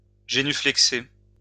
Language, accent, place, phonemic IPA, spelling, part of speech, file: French, France, Lyon, /ʒe.ny.flɛk.se/, génuflexer, verb, LL-Q150 (fra)-génuflexer.wav
- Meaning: to genuflect